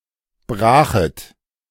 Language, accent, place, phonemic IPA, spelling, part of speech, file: German, Germany, Berlin, /ˈbʁaːxət/, Brachet, proper noun, De-Brachet.ogg
- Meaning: June (sixth month of the Gregorian calendar)